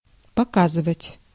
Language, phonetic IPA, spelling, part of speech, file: Russian, [pɐˈkazɨvətʲ], показывать, verb, Ru-показывать.ogg
- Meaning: 1. to show 2. to display, to reveal 3. to achieve (some result) 4. to show, to register, to read 5. to point (at) 6. to depose, to testify, to give evidence